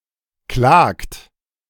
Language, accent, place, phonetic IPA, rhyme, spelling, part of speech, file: German, Germany, Berlin, [klaːkt], -aːkt, klagt, verb, De-klagt.ogg
- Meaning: inflection of klagen: 1. third-person singular present 2. second-person plural present 3. plural imperative